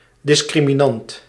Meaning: discriminant
- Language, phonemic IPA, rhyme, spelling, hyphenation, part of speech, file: Dutch, /ˌdɪs.kri.miˈnɑnt/, -ɑnt, discriminant, dis‧cri‧mi‧nant, noun, Nl-discriminant.ogg